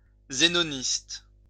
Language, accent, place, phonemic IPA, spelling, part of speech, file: French, France, Lyon, /ze.nɔ.nist/, zénoniste, noun, LL-Q150 (fra)-zénoniste.wav
- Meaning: Zenonist